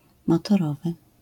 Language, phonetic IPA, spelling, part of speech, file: Polish, [ˌmɔtɔˈrɔvɨ], motorowy, adjective / noun, LL-Q809 (pol)-motorowy.wav